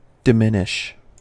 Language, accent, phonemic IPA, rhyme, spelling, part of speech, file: English, US, /dɪˈmɪnɪʃ/, -ɪnɪʃ, diminish, verb, En-us-diminish.ogg
- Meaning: 1. To make smaller 2. To become less or smaller 3. To make appear smaller than in reality; to dismiss as unimportant